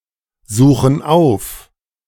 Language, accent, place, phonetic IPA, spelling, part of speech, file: German, Germany, Berlin, [ˌzuːxn̩ ˈaʊ̯f], suchen auf, verb, De-suchen auf.ogg
- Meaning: inflection of aufsuchen: 1. first/third-person plural present 2. first/third-person plural subjunctive I